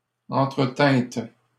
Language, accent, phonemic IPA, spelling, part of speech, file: French, Canada, /ɑ̃.tʁə.tɛ̃t/, entretîntes, verb, LL-Q150 (fra)-entretîntes.wav
- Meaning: second-person plural past historic of entretenir